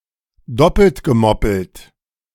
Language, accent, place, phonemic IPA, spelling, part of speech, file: German, Germany, Berlin, /ˈdɔpl̩t ɡəˈmɔpl̩t/, doppelt gemoppelt, adjective, De-doppelt gemoppelt.ogg
- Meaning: redundant, tautological, tautologous